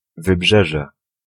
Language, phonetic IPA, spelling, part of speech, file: Polish, [vɨˈbʒɛʒɛ], wybrzeże, noun, Pl-wybrzeże.ogg